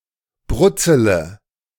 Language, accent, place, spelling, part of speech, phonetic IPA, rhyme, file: German, Germany, Berlin, brutzele, verb, [ˈbʁʊt͡sələ], -ʊt͡sələ, De-brutzele.ogg
- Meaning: inflection of brutzeln: 1. first-person singular present 2. first-person plural subjunctive I 3. third-person singular subjunctive I 4. singular imperative